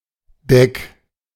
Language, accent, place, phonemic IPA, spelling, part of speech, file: German, Germany, Berlin, /dɛk/, Deck, noun, De-Deck.ogg
- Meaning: deck (of a ship or boat)